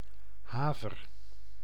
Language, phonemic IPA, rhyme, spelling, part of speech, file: Dutch, /ˈɦaː.vər/, -aːvər, haver, noun / verb, Nl-haver.ogg
- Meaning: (noun) 1. any wild species or cultivar of the genus Avena 2. Avena sativa, the cereal oat; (verb) inflection of haveren: first-person singular present indicative